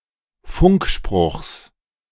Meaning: genitive of Funkspruch
- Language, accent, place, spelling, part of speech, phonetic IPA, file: German, Germany, Berlin, Funkspruchs, noun, [ˈfʊŋkˌʃpʁʊxs], De-Funkspruchs.ogg